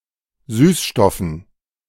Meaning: dative plural of Süßstoff
- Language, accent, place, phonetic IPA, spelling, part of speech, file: German, Germany, Berlin, [ˈsyːsˌʃtɔfn̩], Süßstoffen, noun, De-Süßstoffen.ogg